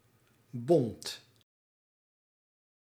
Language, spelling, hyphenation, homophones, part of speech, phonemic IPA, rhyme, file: Dutch, bont, bont, bond, noun / adjective, /bɔnt/, -ɔnt, Nl-bont.ogg
- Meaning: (noun) fur; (adjective) 1. motley, variegated, multi-colored 2. mixed, varied, heterogeneous